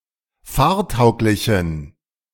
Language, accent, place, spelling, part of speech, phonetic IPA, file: German, Germany, Berlin, fahrtauglichen, adjective, [ˈfaːɐ̯ˌtaʊ̯klɪçn̩], De-fahrtauglichen.ogg
- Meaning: inflection of fahrtauglich: 1. strong genitive masculine/neuter singular 2. weak/mixed genitive/dative all-gender singular 3. strong/weak/mixed accusative masculine singular 4. strong dative plural